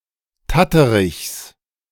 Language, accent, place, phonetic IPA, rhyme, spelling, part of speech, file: German, Germany, Berlin, [ˈtatəʁɪçs], -atəʁɪçs, Tatterichs, noun, De-Tatterichs.ogg
- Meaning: genitive of Tatterich